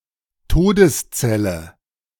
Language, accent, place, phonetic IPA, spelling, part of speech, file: German, Germany, Berlin, [ˈtoːdəsˌt͡sɛlə], Todeszelle, noun, De-Todeszelle.ogg
- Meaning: death row cell; cell in a prison in which a person who has been sentenced to death is held